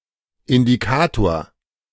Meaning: 1. indicator (all senses) 2. bellwether
- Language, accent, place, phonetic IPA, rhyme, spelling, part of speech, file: German, Germany, Berlin, [ɪndiˈkaːtoːɐ̯], -aːtoːɐ̯, Indikator, noun, De-Indikator.ogg